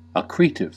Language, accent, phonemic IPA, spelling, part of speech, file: English, US, /əˈkɹi.tɪv/, accretive, adjective, En-us-accretive.ogg
- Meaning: Relating to accretion; increasing, or adding to, by growth